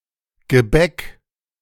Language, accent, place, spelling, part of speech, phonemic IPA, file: German, Germany, Berlin, Gebäck, noun, /ɡəˈbɛk/, De-Gebäck.ogg
- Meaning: pastry (food group)